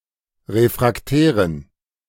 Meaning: inflection of refraktär: 1. strong genitive masculine/neuter singular 2. weak/mixed genitive/dative all-gender singular 3. strong/weak/mixed accusative masculine singular 4. strong dative plural
- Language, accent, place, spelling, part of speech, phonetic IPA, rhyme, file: German, Germany, Berlin, refraktären, adjective, [ˌʁefʁakˈtɛːʁən], -ɛːʁən, De-refraktären.ogg